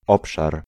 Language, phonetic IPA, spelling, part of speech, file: Polish, [ˈɔpʃar], obszar, noun, Pl-obszar.ogg